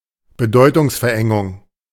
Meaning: semantic narrowing
- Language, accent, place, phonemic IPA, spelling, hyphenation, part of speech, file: German, Germany, Berlin, /bəˈdɔɪ̯tʊŋsfɛɐ̯ˌʔɛŋʊŋ/, Bedeutungsverengung, Be‧deu‧tungs‧ver‧en‧gung, noun, De-Bedeutungsverengung.ogg